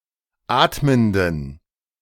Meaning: inflection of atmend: 1. strong genitive masculine/neuter singular 2. weak/mixed genitive/dative all-gender singular 3. strong/weak/mixed accusative masculine singular 4. strong dative plural
- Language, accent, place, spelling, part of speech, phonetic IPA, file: German, Germany, Berlin, atmenden, adjective, [ˈaːtməndn̩], De-atmenden.ogg